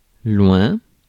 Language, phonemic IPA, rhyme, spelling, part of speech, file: French, /lwɛ̃/, -wɛ̃, loin, adverb, Fr-loin.ogg
- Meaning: far, distant